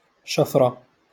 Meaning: a stealing, theft, robbery
- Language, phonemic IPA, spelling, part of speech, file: Moroccan Arabic, /ʃaf.ra/, شفرة, noun, LL-Q56426 (ary)-شفرة.wav